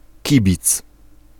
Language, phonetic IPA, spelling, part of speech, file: Polish, [ˈcibʲit͡s], kibic, noun, Pl-kibic.ogg